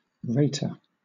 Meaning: 1. One who provides a rating or assessment 2. One who rates or scolds
- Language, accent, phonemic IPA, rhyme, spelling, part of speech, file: English, Southern England, /ˈɹeɪtə(ɹ)/, -eɪtə(ɹ), rater, noun, LL-Q1860 (eng)-rater.wav